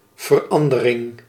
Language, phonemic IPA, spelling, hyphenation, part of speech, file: Dutch, /vərˈɑndərɪŋ/, verandering, ver‧an‧de‧ring, noun, Nl-verandering.ogg
- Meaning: change